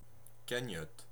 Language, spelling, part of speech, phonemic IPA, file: French, cagnotte, noun, /ka.ɲɔt/, Fr-cagnotte.ogg
- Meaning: pool, pot (of money, for distribution)